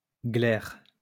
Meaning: 1. egg white, glair 2. phlegm, mucus
- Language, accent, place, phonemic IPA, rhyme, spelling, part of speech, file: French, France, Lyon, /ɡlɛʁ/, -ɛʁ, glaire, noun, LL-Q150 (fra)-glaire.wav